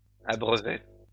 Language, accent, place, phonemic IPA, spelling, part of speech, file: French, France, Lyon, /a.bʁœ.vɛ/, abreuvait, verb, LL-Q150 (fra)-abreuvait.wav
- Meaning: third-person singular imperfect indicative of abreuver